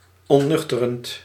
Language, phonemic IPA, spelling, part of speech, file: Dutch, /ɔntˈnʏxtərənt/, ontnuchterend, verb / adjective, Nl-ontnuchterend.ogg
- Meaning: present participle of ontnuchteren